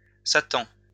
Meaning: alternative form of Satan
- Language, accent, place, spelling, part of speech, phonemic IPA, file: French, France, Lyon, satan, noun, /sa.tɑ̃/, LL-Q150 (fra)-satan.wav